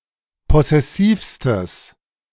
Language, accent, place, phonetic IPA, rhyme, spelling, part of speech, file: German, Germany, Berlin, [ˌpɔsɛˈsiːfstəs], -iːfstəs, possessivstes, adjective, De-possessivstes.ogg
- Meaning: strong/mixed nominative/accusative neuter singular superlative degree of possessiv